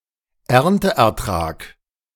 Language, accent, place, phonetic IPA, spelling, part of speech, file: German, Germany, Berlin, [ˈɛʁntəʔɛɐ̯ˌtʁaːk], Ernteertrag, noun, De-Ernteertrag.ogg
- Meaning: crop, yield